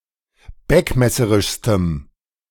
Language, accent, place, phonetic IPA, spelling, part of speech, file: German, Germany, Berlin, [ˈbɛkmɛsəʁɪʃstəm], beckmesserischstem, adjective, De-beckmesserischstem.ogg
- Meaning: strong dative masculine/neuter singular superlative degree of beckmesserisch